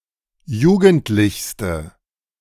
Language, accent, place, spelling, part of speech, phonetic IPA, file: German, Germany, Berlin, jugendlichste, adjective, [ˈjuːɡn̩tlɪçstə], De-jugendlichste.ogg
- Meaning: inflection of jugendlich: 1. strong/mixed nominative/accusative feminine singular superlative degree 2. strong nominative/accusative plural superlative degree